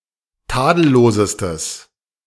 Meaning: strong/mixed nominative/accusative neuter singular superlative degree of tadellos
- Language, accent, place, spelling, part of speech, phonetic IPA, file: German, Germany, Berlin, tadellosestes, adjective, [ˈtaːdl̩ˌloːzəstəs], De-tadellosestes.ogg